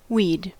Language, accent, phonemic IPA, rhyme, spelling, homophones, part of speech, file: English, US, /wiːd/, -iːd, we'd, weed / ouid, contraction, En-us-we'd.ogg
- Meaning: 1. Contraction of we + had 2. Contraction of we + would